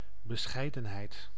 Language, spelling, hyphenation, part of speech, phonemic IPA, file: Dutch, bescheidenheid, be‧schei‧den‧heid, noun, /bəˈsxɛi̯də(n)ɦɛi̯t/, Nl-bescheidenheid.ogg
- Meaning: 1. modesty, humility 2. something modest, such as a small gift